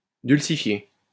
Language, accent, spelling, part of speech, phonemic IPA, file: French, France, dulcifier, verb, /dyl.si.fje/, LL-Q150 (fra)-dulcifier.wav
- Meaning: to soften (make softer)